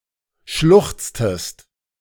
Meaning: inflection of schluchzen: 1. second-person singular preterite 2. second-person singular subjunctive II
- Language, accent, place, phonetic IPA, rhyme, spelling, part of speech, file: German, Germany, Berlin, [ˈʃlʊxt͡stəst], -ʊxt͡stəst, schluchztest, verb, De-schluchztest.ogg